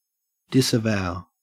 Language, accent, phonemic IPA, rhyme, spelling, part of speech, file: English, Australia, /dɪsəˈvaʊ/, -aʊ, disavow, verb, En-au-disavow.ogg
- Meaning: 1. To strongly and solemnly refuse to own or acknowledge; to deny responsibility for, approbation of, and the like 2. To deny; to show the contrary of; to deny legitimacy or achievement of any kind